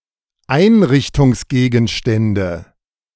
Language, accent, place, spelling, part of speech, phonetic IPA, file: German, Germany, Berlin, Einrichtungsgegenstände, noun, [ˈaɪ̯nʁɪçtʊŋsˌɡeːɡn̩ʃtɛndə], De-Einrichtungsgegenstände.ogg
- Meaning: nominative/accusative/genitive plural of Einrichtungsgegenstand